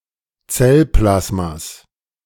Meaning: genitive singular of Zellplasma
- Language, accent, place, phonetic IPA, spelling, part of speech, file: German, Germany, Berlin, [ˈt͡sɛlˌplasmas], Zellplasmas, noun, De-Zellplasmas.ogg